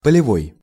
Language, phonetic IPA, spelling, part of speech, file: Russian, [pəlʲɪˈvoj], полевой, adjective / noun, Ru-полевой.ogg
- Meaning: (adjective) field; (noun) polevoy, a field spirit or sprite